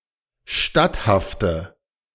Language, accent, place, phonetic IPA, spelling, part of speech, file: German, Germany, Berlin, [ˈʃtathaftə], statthafte, adjective, De-statthafte.ogg
- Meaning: inflection of statthaft: 1. strong/mixed nominative/accusative feminine singular 2. strong nominative/accusative plural 3. weak nominative all-gender singular